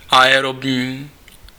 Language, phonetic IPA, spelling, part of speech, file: Czech, [ˈaɛrobɲiː], aerobní, adjective, Cs-aerobní.ogg
- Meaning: aerobic (involving or improving oxygen consumption by the body)